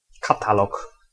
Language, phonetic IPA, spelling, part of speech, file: Polish, [kaˈtalɔk], katalog, noun, Pl-katalog.ogg